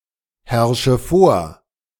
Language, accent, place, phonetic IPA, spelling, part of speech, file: German, Germany, Berlin, [ˌhɛʁʃə ˈfoːɐ̯], herrsche vor, verb, De-herrsche vor.ogg
- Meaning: inflection of vorherrschen: 1. first-person singular present 2. first/third-person singular subjunctive I 3. singular imperative